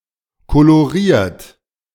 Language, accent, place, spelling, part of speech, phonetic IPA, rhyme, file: German, Germany, Berlin, koloriert, verb, [koloˈʁiːɐ̯t], -iːɐ̯t, De-koloriert.ogg
- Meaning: 1. past participle of kolorieren 2. inflection of kolorieren: third-person singular present 3. inflection of kolorieren: second-person plural present 4. inflection of kolorieren: plural imperative